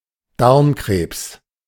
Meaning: intestinal cancer
- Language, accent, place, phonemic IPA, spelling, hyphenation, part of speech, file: German, Germany, Berlin, /ˈdaʁmˌkʁeːps/, Darmkrebs, Darm‧krebs, noun, De-Darmkrebs.ogg